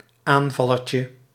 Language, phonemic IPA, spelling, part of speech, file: Dutch, /ˈaɱvɑlərcə/, aanvallertje, noun, Nl-aanvallertje.ogg
- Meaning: diminutive of aanvaller